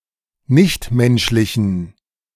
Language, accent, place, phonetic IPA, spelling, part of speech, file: German, Germany, Berlin, [ˈnɪçtˌmɛnʃlɪçn̩], nichtmenschlichen, adjective, De-nichtmenschlichen.ogg
- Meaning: inflection of nichtmenschlich: 1. strong genitive masculine/neuter singular 2. weak/mixed genitive/dative all-gender singular 3. strong/weak/mixed accusative masculine singular 4. strong dative plural